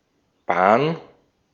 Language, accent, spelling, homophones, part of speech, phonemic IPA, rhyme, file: German, Austria, Bahn, Bahren, noun / proper noun, /baːn/, -aːn, De-at-Bahn.ogg
- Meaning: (noun) 1. route, trail 2. railway/railroad or rail transport 3. short for Eisenbahn a vehicle in rail transport (especially a regional commuter train or tram, otherwise more often Zug or Tram)